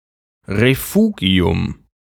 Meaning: refuge
- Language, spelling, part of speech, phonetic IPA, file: German, Refugium, noun, [ʁeˈfuːɡi̯ʊm], De-Refugium.ogg